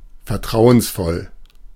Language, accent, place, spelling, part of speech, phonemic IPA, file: German, Germany, Berlin, vertrauensvoll, adjective, /fɛɐ̯ˈtʁaʊ̯ənsˌfɔl/, De-vertrauensvoll.ogg
- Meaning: trusting, trustful